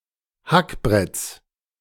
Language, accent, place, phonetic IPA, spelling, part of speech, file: German, Germany, Berlin, [ˈhakˌbʁɛt͡s], Hackbretts, noun, De-Hackbretts.ogg
- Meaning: genitive singular of Hackbrett